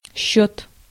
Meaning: 1. count (the result of a tally that reveals the number of items in a set), counting, reckoning, calculation 2. invoice, bill 3. account, subject 4. score (in a game)
- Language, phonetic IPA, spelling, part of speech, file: Russian, [ɕːɵt], счёт, noun, Ru-счёт.ogg